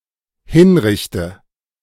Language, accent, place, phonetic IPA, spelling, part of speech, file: German, Germany, Berlin, [ˈhɪnˌʁɪçtə], hinrichte, verb, De-hinrichte.ogg
- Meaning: inflection of hinrichten: 1. first-person singular dependent present 2. first/third-person singular dependent subjunctive I